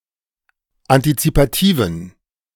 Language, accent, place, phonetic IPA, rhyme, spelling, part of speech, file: German, Germany, Berlin, [antit͡sipaˈtiːvn̩], -iːvn̩, antizipativen, adjective, De-antizipativen.ogg
- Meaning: inflection of antizipativ: 1. strong genitive masculine/neuter singular 2. weak/mixed genitive/dative all-gender singular 3. strong/weak/mixed accusative masculine singular 4. strong dative plural